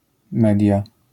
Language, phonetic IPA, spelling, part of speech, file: Polish, [ˈmɛdʲja], media, noun, LL-Q809 (pol)-media.wav